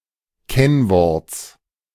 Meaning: genitive singular of Kennwort
- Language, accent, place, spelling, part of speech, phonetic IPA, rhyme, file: German, Germany, Berlin, Kennworts, noun, [ˈkɛnˌvɔʁt͡s], -ɛnvɔʁt͡s, De-Kennworts.ogg